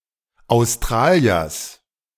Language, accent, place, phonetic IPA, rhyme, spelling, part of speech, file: German, Germany, Berlin, [aʊ̯sˈtʁaːli̯ɐs], -aːli̯ɐs, Australiers, noun, De-Australiers.ogg
- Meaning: genitive singular of Australier